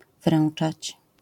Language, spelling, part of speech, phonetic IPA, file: Polish, wręczać, verb, [ˈvrɛ̃n͇t͡ʃat͡ɕ], LL-Q809 (pol)-wręczać.wav